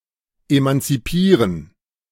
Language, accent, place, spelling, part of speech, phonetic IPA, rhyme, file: German, Germany, Berlin, emanzipieren, verb, [emant͡siˈpiːʁən], -iːʁən, De-emanzipieren.ogg
- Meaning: to emancipate